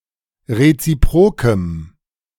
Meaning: strong dative masculine/neuter singular of reziprok
- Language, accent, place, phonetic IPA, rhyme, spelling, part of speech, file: German, Germany, Berlin, [ʁet͡siˈpʁoːkəm], -oːkəm, reziprokem, adjective, De-reziprokem.ogg